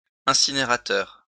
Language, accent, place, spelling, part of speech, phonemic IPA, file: French, France, Lyon, incinérateur, noun, /ɛ̃.si.ne.ʁa.tœʁ/, LL-Q150 (fra)-incinérateur.wav
- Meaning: incinerator